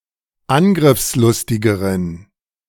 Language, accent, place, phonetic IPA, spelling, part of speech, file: German, Germany, Berlin, [ˈanɡʁɪfsˌlʊstɪɡəʁən], angriffslustigeren, adjective, De-angriffslustigeren.ogg
- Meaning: inflection of angriffslustig: 1. strong genitive masculine/neuter singular comparative degree 2. weak/mixed genitive/dative all-gender singular comparative degree